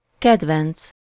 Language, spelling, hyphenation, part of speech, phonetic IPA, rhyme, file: Hungarian, kedvenc, ked‧venc, adjective / noun, [ˈkɛdvɛnt͡s], -ɛnt͡s, Hu-kedvenc.ogg
- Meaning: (adjective) favourite (UK, Canada), favorite (US); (noun) pet (animal kept as companion)